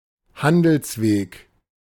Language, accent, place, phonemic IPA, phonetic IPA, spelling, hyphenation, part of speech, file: German, Germany, Berlin, /ˈhandəlsˌveːk/, [ˈhandl̩sˌveːk], Handelsweg, Han‧dels‧weg, noun, De-Handelsweg.ogg
- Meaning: trade route